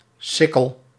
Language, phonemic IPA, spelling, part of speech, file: Dutch, /ˈsɪkəl/, sikkel, noun, Nl-sikkel.ogg
- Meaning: sickle